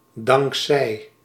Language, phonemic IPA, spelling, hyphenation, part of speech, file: Dutch, /ˈdɑŋk.sɛi̯/, dankzij, dank‧zij, preposition, Nl-dankzij.ogg
- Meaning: thanks to